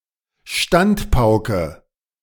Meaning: harangue, diatribe, tirade, threatening lecture
- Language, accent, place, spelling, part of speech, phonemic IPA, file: German, Germany, Berlin, Standpauke, noun, /ˈʃtantˌpaʊ̯kə/, De-Standpauke.ogg